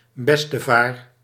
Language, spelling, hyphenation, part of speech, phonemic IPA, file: Dutch, bestevaar, bes‧te‧vaar, noun, /ˈbɛs.təˌvaːr/, Nl-bestevaar.ogg
- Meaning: alternative form of bestevader